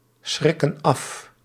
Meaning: inflection of afschrikken: 1. plural present indicative 2. plural present subjunctive
- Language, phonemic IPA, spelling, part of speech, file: Dutch, /ˈsxrɪkə(n) ˈɑf/, schrikken af, verb, Nl-schrikken af.ogg